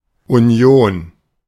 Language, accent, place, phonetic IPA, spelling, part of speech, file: German, Germany, Berlin, [ʔuˈn̪joːn̪], Union, noun / proper noun, De-Union.ogg
- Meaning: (noun) union; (proper noun) The CDU/CSU: the union of the two Christian democratic parties in Germany, the CSU in Bavaria and the CDU in the rest of Germany